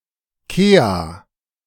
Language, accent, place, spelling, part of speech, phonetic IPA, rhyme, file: German, Germany, Berlin, Kea, noun, [ˈkeːa], -eːa, De-Kea.ogg
- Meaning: kea (bird of New Zealand)